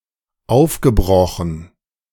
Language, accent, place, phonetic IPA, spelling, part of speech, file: German, Germany, Berlin, [ˈaʊ̯fɡəˌbʁɔxn̩], aufgebrochen, verb, De-aufgebrochen.ogg
- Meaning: past participle of aufbrechen